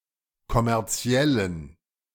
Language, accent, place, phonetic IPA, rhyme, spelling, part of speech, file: German, Germany, Berlin, [kɔmɛʁˈt͡si̯ɛlən], -ɛlən, kommerziellen, adjective, De-kommerziellen.ogg
- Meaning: inflection of kommerziell: 1. strong genitive masculine/neuter singular 2. weak/mixed genitive/dative all-gender singular 3. strong/weak/mixed accusative masculine singular 4. strong dative plural